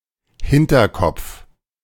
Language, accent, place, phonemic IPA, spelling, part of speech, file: German, Germany, Berlin, /ˈhɪntɐkɔpf/, Hinterkopf, noun, De-Hinterkopf.ogg
- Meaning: 1. occiput (back part of the head or skull) 2. back of one's mind, back of one's head